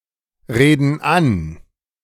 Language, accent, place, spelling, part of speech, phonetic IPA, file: German, Germany, Berlin, reden an, verb, [ˌʁeːdn̩ ˈan], De-reden an.ogg
- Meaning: inflection of anreden: 1. first/third-person plural present 2. first/third-person plural subjunctive I